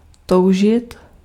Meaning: to desire, to long (for)
- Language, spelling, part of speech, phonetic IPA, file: Czech, toužit, verb, [ˈtou̯ʒɪt], Cs-toužit.ogg